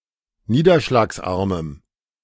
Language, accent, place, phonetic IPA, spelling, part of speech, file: German, Germany, Berlin, [ˈniːdɐʃlaːksˌʔaʁməm], niederschlagsarmem, adjective, De-niederschlagsarmem.ogg
- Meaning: strong dative masculine/neuter singular of niederschlagsarm